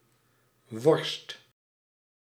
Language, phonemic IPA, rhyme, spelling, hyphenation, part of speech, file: Dutch, /ʋɔrst/, -ɔrst, worst, worst, noun, Nl-worst.ogg
- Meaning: sausage